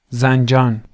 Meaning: 1. Zanjan (a city in Iran, the seat of Zanjan County's Central District and the capital of Zanjan Province) 2. Zanjan (a county of Iran, around the city) 3. Zanjan (a province of Iran)
- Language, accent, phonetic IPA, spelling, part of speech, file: Persian, Iran, [zæn.d͡ʒɒ́ːn], زنجان, proper noun, Zanjan.ogg